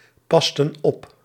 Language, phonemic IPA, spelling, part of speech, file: Dutch, /ˈpɑstə(n) ˈɔp/, pasten op, verb, Nl-pasten op.ogg
- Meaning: inflection of oppassen: 1. plural past indicative 2. plural past subjunctive